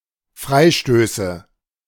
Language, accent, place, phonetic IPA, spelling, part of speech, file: German, Germany, Berlin, [ˈfʁaɪ̯ˌʃtøːsə], Freistöße, noun, De-Freistöße.ogg
- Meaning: nominative/accusative/genitive plural of Freistoß